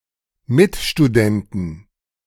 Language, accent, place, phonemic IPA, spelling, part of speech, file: German, Germany, Berlin, /ˈmɪtʃtuˌdɛntn̩/, Mitstudenten, noun, De-Mitstudenten.ogg
- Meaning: inflection of Mitstudent: 1. genitive/dative/accusative singular 2. plural